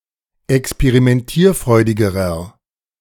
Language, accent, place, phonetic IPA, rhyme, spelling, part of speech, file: German, Germany, Berlin, [ɛkspeʁimɛnˈtiːɐ̯ˌfʁɔɪ̯dɪɡəʁɐ], -iːɐ̯fʁɔɪ̯dɪɡəʁɐ, experimentierfreudigerer, adjective, De-experimentierfreudigerer.ogg
- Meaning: inflection of experimentierfreudig: 1. strong/mixed nominative masculine singular comparative degree 2. strong genitive/dative feminine singular comparative degree